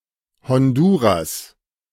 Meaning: Honduras (a country in Central America)
- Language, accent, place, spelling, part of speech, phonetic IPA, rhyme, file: German, Germany, Berlin, Honduras, proper noun, [hɔnˈduːʁas], -uːʁas, De-Honduras.ogg